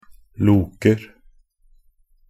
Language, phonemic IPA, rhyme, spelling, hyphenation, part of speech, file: Norwegian Bokmål, /ˈluːkər/, -ər, loker, lo‧ker, verb, Nb-loker.ogg
- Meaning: present of loke